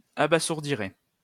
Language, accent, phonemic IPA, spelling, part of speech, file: French, France, /a.ba.zuʁ.di.ʁe/, abasourdirai, verb, LL-Q150 (fra)-abasourdirai.wav
- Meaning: first-person singular simple future of abasourdir